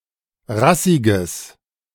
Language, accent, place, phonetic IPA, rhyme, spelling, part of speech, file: German, Germany, Berlin, [ˈʁasɪɡəs], -asɪɡəs, rassiges, adjective, De-rassiges.ogg
- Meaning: strong/mixed nominative/accusative neuter singular of rassig